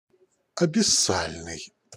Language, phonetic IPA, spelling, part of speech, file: Russian, [ɐbʲɪˈsalʲnɨj], абиссальный, adjective, Ru-абиссальный.ogg
- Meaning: abyssal, abyssopelagic